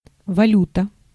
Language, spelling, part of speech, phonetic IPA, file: Russian, валюта, noun, [vɐˈlʲutə], Ru-валюта.ogg
- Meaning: 1. currency (money or other item used to facilitate transactions) 2. foreign currency